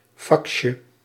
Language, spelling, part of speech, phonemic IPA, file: Dutch, faxje, noun, /ˈfɑkʃə/, Nl-faxje.ogg
- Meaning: diminutive of fax